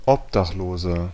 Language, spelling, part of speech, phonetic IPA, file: German, Obdachloser, noun, [ˈʔɔpdaχˌloːzɐ], De-Obdachloser.ogg
- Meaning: 1. homeless person (male or of unspecified gender) 2. inflection of Obdachlose: strong genitive/dative singular 3. inflection of Obdachlose: strong genitive plural